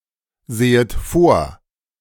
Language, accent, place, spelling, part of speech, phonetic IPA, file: German, Germany, Berlin, sehet vor, verb, [ˌzeːət ˈfoːɐ̯], De-sehet vor.ogg
- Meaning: second-person plural subjunctive I of vorsehen